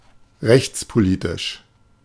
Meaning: legal policy
- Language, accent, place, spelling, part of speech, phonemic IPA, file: German, Germany, Berlin, rechtspolitisch, adjective, /ˈʁɛçt͡spoˌliːtɪʃ/, De-rechtspolitisch.ogg